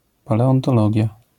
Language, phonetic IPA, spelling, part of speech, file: Polish, [ˌpalɛɔ̃ntɔˈlɔɟja], paleontologia, noun, LL-Q809 (pol)-paleontologia.wav